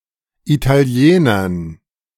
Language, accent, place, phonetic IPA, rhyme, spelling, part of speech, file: German, Germany, Berlin, [itaˈli̯eːnɐn], -eːnɐn, Italienern, noun, De-Italienern.ogg
- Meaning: dative plural of Italiener